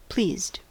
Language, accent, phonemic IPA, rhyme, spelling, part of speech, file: English, US, /pliːzd/, -iːzd, pleased, adjective / verb, En-us-pleased.ogg
- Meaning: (adjective) 1. Happy, content 2. Agreeable, consenting (when referring to a monarch or other powerful person); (verb) simple past and past participle of please